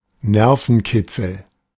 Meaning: thrill
- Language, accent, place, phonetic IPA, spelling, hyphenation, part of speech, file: German, Germany, Berlin, [ˈnɛʁfn̩ˌkɪtsl̩], Nervenkitzel, Ner‧ven‧kit‧zel, noun, De-Nervenkitzel.ogg